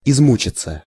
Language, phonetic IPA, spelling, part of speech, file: Russian, [ɪzˈmut͡ɕɪt͡sə], измучиться, verb, Ru-измучиться.ogg
- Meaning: 1. to suffer 2. to become exhausted 3. passive of изму́чить (izmúčitʹ)